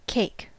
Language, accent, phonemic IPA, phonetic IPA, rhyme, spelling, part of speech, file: English, US, /keɪk/, [ˈk̟ʰeɪ̯k̚], -eɪk, cake, noun / verb, En-us-cake.ogg
- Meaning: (noun) A rich, sweet dessert food, typically made of flour, sugar, and eggs and baked in an oven, and often covered in icing